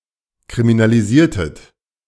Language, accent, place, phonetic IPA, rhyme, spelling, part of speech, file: German, Germany, Berlin, [kʁiminaliˈziːɐ̯tət], -iːɐ̯tət, kriminalisiertet, verb, De-kriminalisiertet.ogg
- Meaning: inflection of kriminalisieren: 1. second-person plural preterite 2. second-person plural subjunctive II